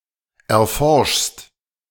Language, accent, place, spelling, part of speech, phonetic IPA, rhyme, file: German, Germany, Berlin, erforschst, verb, [ɛɐ̯ˈfɔʁʃst], -ɔʁʃst, De-erforschst.ogg
- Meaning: second-person singular present of erforschen